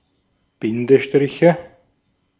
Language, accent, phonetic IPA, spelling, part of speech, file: German, Austria, [ˈbɪndəˌʃtʁɪçə], Bindestriche, noun, De-at-Bindestriche.ogg
- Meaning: nominative/accusative/genitive plural of Bindestrich